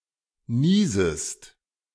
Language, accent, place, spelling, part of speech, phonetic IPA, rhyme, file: German, Germany, Berlin, niesest, verb, [ˈniːzəst], -iːzəst, De-niesest.ogg
- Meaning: second-person singular subjunctive I of niesen